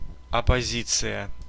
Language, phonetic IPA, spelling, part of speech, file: Russian, [ɐpɐˈzʲit͡sɨjə], оппозиция, noun, Ru-оппозиция.ogg
- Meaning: opposition